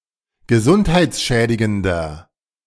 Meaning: 1. comparative degree of gesundheitsschädigend 2. inflection of gesundheitsschädigend: strong/mixed nominative masculine singular
- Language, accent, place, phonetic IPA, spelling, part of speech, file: German, Germany, Berlin, [ɡəˈzʊnthaɪ̯t͡sˌʃɛːdɪɡəndɐ], gesundheitsschädigender, adjective, De-gesundheitsschädigender.ogg